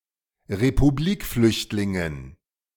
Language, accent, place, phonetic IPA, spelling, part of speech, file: German, Germany, Berlin, [ʁepuˈbliːkˌflʏçtlɪŋən], Republikflüchtlingen, noun, De-Republikflüchtlingen.ogg
- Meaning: dative plural of Republikflüchtling